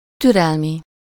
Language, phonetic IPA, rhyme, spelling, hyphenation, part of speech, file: Hungarian, [ˈtyrɛlmi], -mi, türelmi, tü‧rel‧mi, adjective, Hu-türelmi.ogg
- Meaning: of toleration, of tolerance, grace